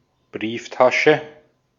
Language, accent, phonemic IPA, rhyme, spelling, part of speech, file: German, Austria, /ˈbʁiːfˌtaʃə/, -aʃə, Brieftasche, noun, De-at-Brieftasche.ogg
- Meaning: wallet, purse